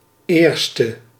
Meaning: first
- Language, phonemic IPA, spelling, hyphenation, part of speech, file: Dutch, /ˈeːr.stə/, eerste, eer‧ste, adjective, Nl-eerste.ogg